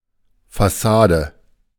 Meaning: facade
- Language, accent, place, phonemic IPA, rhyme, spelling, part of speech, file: German, Germany, Berlin, /fa.saːdə/, -aːdə, Fassade, noun, De-Fassade.ogg